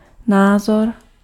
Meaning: opinion
- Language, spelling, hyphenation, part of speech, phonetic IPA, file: Czech, názor, ná‧zor, noun, [ˈnaːzor], Cs-názor.ogg